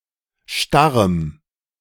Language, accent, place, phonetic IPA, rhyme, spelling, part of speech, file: German, Germany, Berlin, [ˈʃtaʁəm], -aʁəm, starrem, adjective, De-starrem.ogg
- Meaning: strong dative masculine/neuter singular of starr